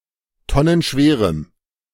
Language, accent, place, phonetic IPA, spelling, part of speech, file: German, Germany, Berlin, [ˈtɔnənˌʃveːʁəm], tonnenschwerem, adjective, De-tonnenschwerem.ogg
- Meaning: strong dative masculine/neuter singular of tonnenschwer